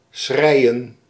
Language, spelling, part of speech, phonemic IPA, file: Dutch, schreien, verb, /ˈsxrɛiən/, Nl-schreien.ogg
- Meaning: to cry; to weep